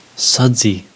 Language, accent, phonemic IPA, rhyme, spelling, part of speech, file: English, US, /ˈsʌd.zi/, -ʌdzi, sudsy, adjective, En-us-sudsy.ogg
- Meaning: 1. Having suds; having froth or lather like soapy water 2. Soapy; resembling a soap opera